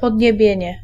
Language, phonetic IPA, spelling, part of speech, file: Polish, [ˌpɔdʲɲɛˈbʲjɛ̇̃ɲɛ], podniebienie, noun, Pl-podniebienie.ogg